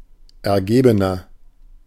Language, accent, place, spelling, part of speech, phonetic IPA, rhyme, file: German, Germany, Berlin, ergebener, adjective, [ɛɐ̯ˈɡeːbənɐ], -eːbənɐ, De-ergebener.ogg
- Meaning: 1. comparative degree of ergeben 2. inflection of ergeben: strong/mixed nominative masculine singular 3. inflection of ergeben: strong genitive/dative feminine singular